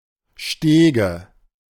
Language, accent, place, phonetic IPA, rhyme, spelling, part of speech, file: German, Germany, Berlin, [ˈʃteːɡə], -eːɡə, Stege, noun, De-Stege.ogg
- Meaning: nominative/accusative/genitive plural of Steg